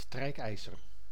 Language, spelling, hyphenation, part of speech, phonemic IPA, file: Dutch, strijkijzer, strijk‧ij‧zer, noun, /ˈstrɛi̯kˌɛi̯.zər/, Nl-strijkijzer.ogg
- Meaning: 1. iron, smoothing iron (device for pressing clothes) 2. a racing cyclist who is bad at sprinting